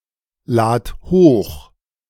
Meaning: singular imperative of hochladen
- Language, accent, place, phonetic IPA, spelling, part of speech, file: German, Germany, Berlin, [ˌlaːt ˈhoːx], lad hoch, verb, De-lad hoch.ogg